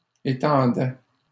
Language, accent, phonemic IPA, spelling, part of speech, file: French, Canada, /e.tɑ̃.dɛ/, étendait, verb, LL-Q150 (fra)-étendait.wav
- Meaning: third-person singular imperfect indicative of étendre